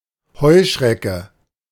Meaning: 1. An orthopteran, chiefly a grasshopper or bush-cricket 2. an investor who buys enterprises or properties and deals with them in a way that harms the local population
- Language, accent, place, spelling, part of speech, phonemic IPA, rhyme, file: German, Germany, Berlin, Heuschrecke, noun, /ˈhɔʏ̯ˌʃrɛkə/, -ɛkə, De-Heuschrecke.ogg